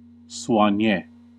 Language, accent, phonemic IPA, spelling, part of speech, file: English, US, /swɑˈnjeɪ/, soigné, adjective, En-us-soigné.ogg
- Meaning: Fashionable and elegant, well-groomed